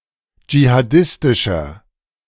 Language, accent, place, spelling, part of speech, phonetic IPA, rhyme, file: German, Germany, Berlin, jihadistischer, adjective, [d͡ʒihaˈdɪstɪʃɐ], -ɪstɪʃɐ, De-jihadistischer.ogg
- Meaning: inflection of jihadistisch: 1. strong/mixed nominative masculine singular 2. strong genitive/dative feminine singular 3. strong genitive plural